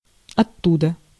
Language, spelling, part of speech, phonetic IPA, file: Russian, оттуда, adverb, [ɐˈtːudə], Ru-оттуда.ogg
- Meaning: thence, from there